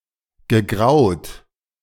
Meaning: past participle of grauen
- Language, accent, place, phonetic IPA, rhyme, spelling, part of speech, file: German, Germany, Berlin, [ɡəˈɡʁaʊ̯t], -aʊ̯t, gegraut, verb, De-gegraut.ogg